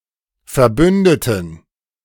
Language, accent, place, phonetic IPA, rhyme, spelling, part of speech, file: German, Germany, Berlin, [fɛɐ̯ˈbʏndətn̩], -ʏndətn̩, Verbündeten, noun, De-Verbündeten.ogg
- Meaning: plural of Verbündete